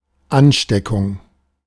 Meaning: infection
- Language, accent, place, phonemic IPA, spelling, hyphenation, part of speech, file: German, Germany, Berlin, /ˈanˌʃtekʊŋ/, Ansteckung, An‧ste‧ckung, noun, De-Ansteckung.ogg